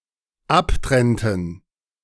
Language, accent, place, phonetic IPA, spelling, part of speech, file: German, Germany, Berlin, [ˈapˌtʁɛntn̩], abtrennten, verb, De-abtrennten.ogg
- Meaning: inflection of abtrennen: 1. first/third-person plural dependent preterite 2. first/third-person plural dependent subjunctive II